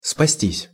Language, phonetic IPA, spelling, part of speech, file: Russian, [spɐˈsʲtʲisʲ], спастись, verb, Ru-спастись.ogg
- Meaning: 1. to save oneself, to escape 2. to use as the thing that helps 3. passive of спасти́ (spastí)